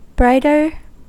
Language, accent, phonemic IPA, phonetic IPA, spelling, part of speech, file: English, US, /ˈbɹaɪtɚ/, [ˈbɹaɪ̯ɾɚ], brighter, adjective, En-us-brighter.ogg
- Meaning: Comparative form of bright: more bright